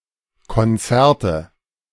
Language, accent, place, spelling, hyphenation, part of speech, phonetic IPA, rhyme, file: German, Germany, Berlin, Konzerte, Kon‧zer‧te, noun, [kɔnˈt͡sɛʁtə], -ɛʁtə, De-Konzerte.ogg
- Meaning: nominative/accusative/genitive plural of Konzert